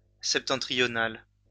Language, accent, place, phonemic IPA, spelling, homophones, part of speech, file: French, France, Lyon, /sɛp.tɑ̃.tʁi.jɔ.nal/, septentrionale, septentrional / septentrionales, adjective, LL-Q150 (fra)-septentrionale.wav
- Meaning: feminine singular of septentrional